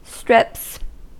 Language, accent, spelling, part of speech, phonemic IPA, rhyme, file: English, US, strips, noun / verb, /stɹɪps/, -ɪps, En-us-strips.ogg
- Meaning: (noun) plural of strip; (verb) third-person singular simple present indicative of strip